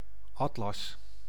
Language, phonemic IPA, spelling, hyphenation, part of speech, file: Dutch, /ˈɑt.lɑs/, atlas, at‧las, noun, Nl-atlas.ogg
- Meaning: 1. atlas (bound or digital collection of maps) 2. atlas (top vertebra)